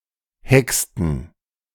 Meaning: inflection of hexen: 1. first/third-person plural preterite 2. first/third-person plural subjunctive II
- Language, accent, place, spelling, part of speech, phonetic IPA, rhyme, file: German, Germany, Berlin, hexten, verb, [ˈhɛkstn̩], -ɛkstn̩, De-hexten.ogg